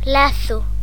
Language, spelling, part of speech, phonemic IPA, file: Galician, lazo, noun / verb, /ˈlaθo/, Gl-lazo.ogg
- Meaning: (noun) 1. cord, bond 2. knot, loop 3. noose 4. lasso 5. glaze; covering of ice over a water surface, in cold season; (verb) first-person singular present indicative of lazar